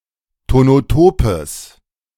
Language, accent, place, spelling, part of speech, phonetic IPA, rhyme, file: German, Germany, Berlin, tonotopes, adjective, [tonoˈtoːpəs], -oːpəs, De-tonotopes.ogg
- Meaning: strong/mixed nominative/accusative neuter singular of tonotop